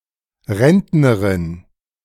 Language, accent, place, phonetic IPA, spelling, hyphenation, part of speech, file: German, Germany, Berlin, [ˈʁɛntnəʁɪn], Rentnerin, Rent‧ne‧rin, noun, De-Rentnerin.ogg
- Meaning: female pensioner